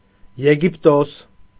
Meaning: Egypt (a country in North Africa and West Asia)
- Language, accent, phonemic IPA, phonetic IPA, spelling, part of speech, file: Armenian, Eastern Armenian, /jeɡipˈtos/, [jeɡiptós], Եգիպտոս, proper noun, Hy-Եգիպտոս.ogg